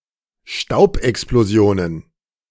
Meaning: plural of Staubexplosion
- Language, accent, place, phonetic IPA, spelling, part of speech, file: German, Germany, Berlin, [ˈʃtaʊ̯pʔɛksploˌzi̯oːnən], Staubexplosionen, noun, De-Staubexplosionen.ogg